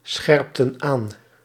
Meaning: inflection of aanscherpen: 1. plural past indicative 2. plural past subjunctive
- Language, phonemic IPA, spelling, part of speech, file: Dutch, /ˈsxɛrᵊptə(n) ˈan/, scherpten aan, verb, Nl-scherpten aan.ogg